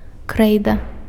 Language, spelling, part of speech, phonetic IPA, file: Belarusian, крэйда, noun, [ˈkrɛjda], Be-крэйда.ogg
- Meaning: chalk